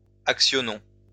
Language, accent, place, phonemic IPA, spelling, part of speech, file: French, France, Lyon, /ak.sjɔ.nɔ̃/, actionnons, verb, LL-Q150 (fra)-actionnons.wav
- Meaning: inflection of actionner: 1. first-person plural present indicative 2. first-person plural imperative